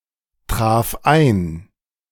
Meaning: first/third-person singular preterite of eintreffen
- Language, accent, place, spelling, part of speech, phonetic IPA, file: German, Germany, Berlin, traf ein, verb, [ˌtʁaːf ˈaɪ̯n], De-traf ein.ogg